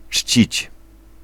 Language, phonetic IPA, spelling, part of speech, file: Polish, [t͡ʃʲt͡ɕit͡ɕ], czcić, verb, Pl-czcić.ogg